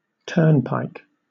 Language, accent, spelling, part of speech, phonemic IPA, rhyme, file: English, Southern England, turnpike, noun / verb, /ˈtɜː(ɹ)npaɪk/, -ɜː(ɹ)npaɪk, LL-Q1860 (eng)-turnpike.wav
- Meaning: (noun) A frame consisting of two bars crossing each other at right angles and turning on a post or pin, to hinder the passage of animals, but admitting a person to pass between the arms